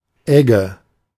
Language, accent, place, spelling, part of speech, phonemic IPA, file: German, Germany, Berlin, Egge, noun, /ˈɛɡə/, De-Egge.ogg
- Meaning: harrow